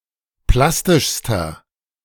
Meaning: inflection of plastisch: 1. strong/mixed nominative masculine singular superlative degree 2. strong genitive/dative feminine singular superlative degree 3. strong genitive plural superlative degree
- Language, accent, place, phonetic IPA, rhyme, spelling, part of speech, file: German, Germany, Berlin, [ˈplastɪʃstɐ], -astɪʃstɐ, plastischster, adjective, De-plastischster.ogg